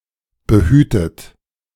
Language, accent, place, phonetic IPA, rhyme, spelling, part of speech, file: German, Germany, Berlin, [bəˈhyːtət], -yːtət, behütet, verb, De-behütet.ogg
- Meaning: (verb) past participle of behüten; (adjective) sheltered, protected